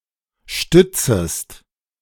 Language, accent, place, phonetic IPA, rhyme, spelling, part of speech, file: German, Germany, Berlin, [ˈʃtʏt͡səst], -ʏt͡səst, stützest, verb, De-stützest.ogg
- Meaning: second-person singular subjunctive I of stützen